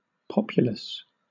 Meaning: 1. Having a large population 2. Spoken by a large number of people 3. Densely populated 4. Crowded with people
- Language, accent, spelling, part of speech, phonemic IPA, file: English, Southern England, populous, adjective, /ˈpɒpjʊləs/, LL-Q1860 (eng)-populous.wav